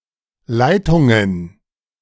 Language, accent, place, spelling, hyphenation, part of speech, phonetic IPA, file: German, Germany, Berlin, Leitungen, Lei‧tun‧gen, noun, [ˈlaɪ̯tʊŋən], De-Leitungen.ogg
- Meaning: plural of Leitung